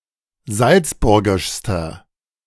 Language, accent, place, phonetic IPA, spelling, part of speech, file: German, Germany, Berlin, [ˈzalt͡sˌbʊʁɡɪʃstɐ], salzburgischster, adjective, De-salzburgischster.ogg
- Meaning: inflection of salzburgisch: 1. strong/mixed nominative masculine singular superlative degree 2. strong genitive/dative feminine singular superlative degree 3. strong genitive plural superlative degree